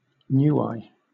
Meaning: An island and country in Polynesia in Oceania, a self-governing state in free association with New Zealand. Official name: Republic of Niue. Capital: Alofi
- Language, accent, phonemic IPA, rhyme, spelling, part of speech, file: English, Southern England, /ˈnjuːeɪ/, -uːeɪ, Niue, proper noun, LL-Q1860 (eng)-Niue.wav